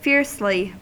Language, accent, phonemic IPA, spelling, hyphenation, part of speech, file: English, US, /ˈfɪɹsli/, fiercely, fierce‧ly, adverb, En-us-fiercely.ogg
- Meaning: 1. In a fierce manner 2. Extremely; to a large degree